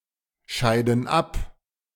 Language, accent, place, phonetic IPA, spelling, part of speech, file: German, Germany, Berlin, [ˌʃaɪ̯dn̩ ˈap], scheiden ab, verb, De-scheiden ab.ogg
- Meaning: inflection of abscheiden: 1. first/third-person plural present 2. first/third-person plural subjunctive I